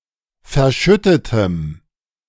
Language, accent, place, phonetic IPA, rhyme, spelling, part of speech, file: German, Germany, Berlin, [fɛɐ̯ˈʃʏtətəm], -ʏtətəm, verschüttetem, adjective, De-verschüttetem.ogg
- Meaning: strong dative masculine/neuter singular of verschüttet